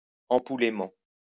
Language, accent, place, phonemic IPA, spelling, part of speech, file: French, France, Lyon, /ɑ̃.pu.le.mɑ̃/, ampoulément, adverb, LL-Q150 (fra)-ampoulément.wav
- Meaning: exaggeratedly